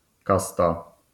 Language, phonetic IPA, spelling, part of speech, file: Polish, [ˈkasta], kasta, noun, LL-Q809 (pol)-kasta.wav